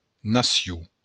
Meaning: nation
- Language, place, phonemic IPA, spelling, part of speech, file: Occitan, Béarn, /ˈna.sju/, nacion, noun, LL-Q14185 (oci)-nacion.wav